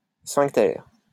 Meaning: sphincter
- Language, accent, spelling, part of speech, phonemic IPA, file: French, France, sphincter, noun, /sfɛ̃k.tɛʁ/, LL-Q150 (fra)-sphincter.wav